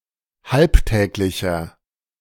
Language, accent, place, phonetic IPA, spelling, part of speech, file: German, Germany, Berlin, [ˈhalpˌtɛːklɪçɐ], halbtäglicher, adjective, De-halbtäglicher.ogg
- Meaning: inflection of halbtäglich: 1. strong/mixed nominative masculine singular 2. strong genitive/dative feminine singular 3. strong genitive plural